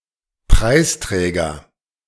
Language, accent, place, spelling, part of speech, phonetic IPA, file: German, Germany, Berlin, Preisträger, noun, [ˈpʁaɪ̯sˌtʁɛːɡɐ], De-Preisträger.ogg
- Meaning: prize winner, laureate